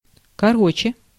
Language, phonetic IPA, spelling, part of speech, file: Russian, [kɐˈrot͡ɕe], короче, adverb / interjection, Ru-короче.ogg
- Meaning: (adverb) 1. comparative degree of коро́ткий (korótkij) 2. comparative degree of ко́ротко (kórotko) 3. in other words, long story short (as an introductory word) 4. so, anyway (as an introductory word)